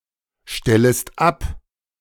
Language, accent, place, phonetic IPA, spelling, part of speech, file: German, Germany, Berlin, [ˌʃtɛləst ˈap], stellest ab, verb, De-stellest ab.ogg
- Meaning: second-person singular subjunctive I of abstellen